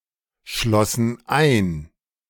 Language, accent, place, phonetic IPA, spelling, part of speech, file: German, Germany, Berlin, [ˌʃlosn̩ ˈaɪ̯n], schlossen ein, verb, De-schlossen ein.ogg
- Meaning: first/third-person plural preterite of einschließen